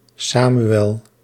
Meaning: 1. Samuel (a Biblical figure; one of two books of the Bible) 2. a male given name from Hebrew, equivalent to English Samuel
- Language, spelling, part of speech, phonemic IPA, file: Dutch, Samuel, proper noun, /ˈsamywɛl/, Nl-Samuel.ogg